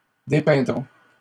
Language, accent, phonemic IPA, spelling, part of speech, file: French, Canada, /de.pɛ̃.dʁɔ̃/, dépeindrons, verb, LL-Q150 (fra)-dépeindrons.wav
- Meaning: first-person plural simple future of dépeindre